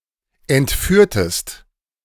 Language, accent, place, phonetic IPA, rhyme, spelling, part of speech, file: German, Germany, Berlin, [ɛntˈfyːɐ̯təst], -yːɐ̯təst, entführtest, verb, De-entführtest.ogg
- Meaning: inflection of entführen: 1. second-person singular preterite 2. second-person singular subjunctive II